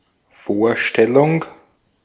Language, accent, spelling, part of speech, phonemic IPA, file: German, Austria, Vorstellung, noun, /ˈfoːɐ̯ˌʃtɛlʊŋ/, De-at-Vorstellung.ogg
- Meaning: 1. idea, image, representation (the transcript, image, or picture of a visible object that is formed by the mind) 2. introduction 3. presentation